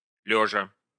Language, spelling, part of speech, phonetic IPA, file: Russian, лёжа, adverb / verb, [ˈlʲɵʐə], Ru-лёжа.ogg
- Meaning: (adverb) in the lying position; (verb) present adverbial imperfective participle of лежа́ть (ležátʹ)